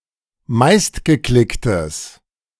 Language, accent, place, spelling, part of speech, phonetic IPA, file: German, Germany, Berlin, meistgeklicktes, adjective, [ˈmaɪ̯stɡəˌklɪktəs], De-meistgeklicktes.ogg
- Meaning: strong/mixed nominative/accusative neuter singular of meistgeklickt